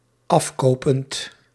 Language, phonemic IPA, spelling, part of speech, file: Dutch, /ˈɑf.ˌkoː.pənt/, afkopend, verb, Nl-afkopend.ogg
- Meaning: present participle of afkopen